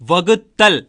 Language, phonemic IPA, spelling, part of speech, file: Tamil, /ʋɐɡʊt̪ːɐl/, வகுத்தல், noun / verb, வகுத்தல்- Pronunciation in Tamil.ogg
- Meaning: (noun) division; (verb) A gerund of வகு (vaku)